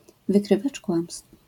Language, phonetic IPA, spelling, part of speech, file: Polish, [vɨˈkrɨvat͡ʃ ˈkwãmstf], wykrywacz kłamstw, noun, LL-Q809 (pol)-wykrywacz kłamstw.wav